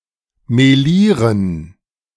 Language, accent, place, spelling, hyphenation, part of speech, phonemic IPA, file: German, Germany, Berlin, melieren, me‧lie‧ren, verb, /meˈliːʁən/, De-melieren.ogg
- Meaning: 1. to mix 2. to fleck